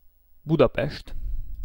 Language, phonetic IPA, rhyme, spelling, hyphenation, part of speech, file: Hungarian, [ˈbudɒpɛʃt], -ɛʃt, Budapest, Bu‧da‧pest, proper noun, Hu-Budapest.ogg
- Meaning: Budapest (the capital city of Hungary)